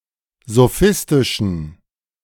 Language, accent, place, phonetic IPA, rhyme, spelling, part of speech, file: German, Germany, Berlin, [zoˈfɪstɪʃn̩], -ɪstɪʃn̩, sophistischen, adjective, De-sophistischen.ogg
- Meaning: inflection of sophistisch: 1. strong genitive masculine/neuter singular 2. weak/mixed genitive/dative all-gender singular 3. strong/weak/mixed accusative masculine singular 4. strong dative plural